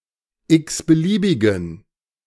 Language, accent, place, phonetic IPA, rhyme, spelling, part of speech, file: German, Germany, Berlin, [ˌɪksbəˈliːbɪɡn̩], -iːbɪɡn̩, x-beliebigen, adjective, De-x-beliebigen.ogg
- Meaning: inflection of x-beliebig: 1. strong genitive masculine/neuter singular 2. weak/mixed genitive/dative all-gender singular 3. strong/weak/mixed accusative masculine singular 4. strong dative plural